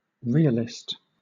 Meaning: An advocate of realism; one who believes that matter, objects etc. have real existence beyond our perception of them
- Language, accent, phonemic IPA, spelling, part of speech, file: English, Southern England, /ˈɹɪəlɪst/, realist, noun, LL-Q1860 (eng)-realist.wav